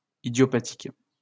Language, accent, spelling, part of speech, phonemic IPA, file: French, France, idiopathique, adjective, /i.djɔ.pa.tik/, LL-Q150 (fra)-idiopathique.wav
- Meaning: idiopathic